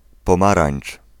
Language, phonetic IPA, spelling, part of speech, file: Polish, [pɔ̃ˈmarãj̃n͇t͡ʃ], pomarańcz, noun, Pl-pomarańcz.ogg